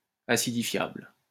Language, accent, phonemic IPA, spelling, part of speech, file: French, France, /a.si.di.fjabl/, acidifiable, adjective, LL-Q150 (fra)-acidifiable.wav
- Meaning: acidifiable